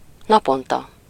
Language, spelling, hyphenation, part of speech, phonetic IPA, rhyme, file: Hungarian, naponta, na‧pon‧ta, adverb, [ˈnɒpontɒ], -tɒ, Hu-naponta.ogg
- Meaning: daily